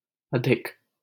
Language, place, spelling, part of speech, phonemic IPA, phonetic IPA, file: Hindi, Delhi, अधिक, adjective, /ə.d̪ʱɪk/, [ɐ.d̪ʱɪk], LL-Q1568 (hin)-अधिक.wav
- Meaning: 1. much 2. many 3. too much 4. too many